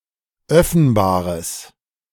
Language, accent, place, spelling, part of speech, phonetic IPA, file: German, Germany, Berlin, öffenbares, adjective, [ˈœfn̩baːʁəs], De-öffenbares.ogg
- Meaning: strong/mixed nominative/accusative neuter singular of öffenbar